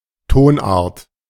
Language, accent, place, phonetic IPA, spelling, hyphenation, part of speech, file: German, Germany, Berlin, [ˈtoːnˌʔaːɐ̯t], Tonart, Ton‧art, noun, De-Tonart.ogg
- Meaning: key (scale of musical notes)